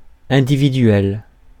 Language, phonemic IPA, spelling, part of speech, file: French, /ɛ̃.di.vi.dɥɛl/, individuel, adjective, Fr-individuel.ogg
- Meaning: individual